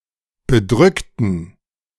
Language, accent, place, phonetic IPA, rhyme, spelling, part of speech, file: German, Germany, Berlin, [bəˈdʁʏktn̩], -ʏktn̩, bedrückten, adjective / verb, De-bedrückten.ogg
- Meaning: inflection of bedrückt: 1. strong genitive masculine/neuter singular 2. weak/mixed genitive/dative all-gender singular 3. strong/weak/mixed accusative masculine singular 4. strong dative plural